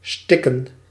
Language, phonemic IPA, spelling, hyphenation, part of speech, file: Dutch, /ˈstɪ.kə(n)/, stikken, stik‧ken, verb, Nl-stikken.ogg
- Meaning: 1. to choke, suffocate 2. to suffocate, to cause problems with breathing 3. to teem (to have an abundance of) 4. to stitch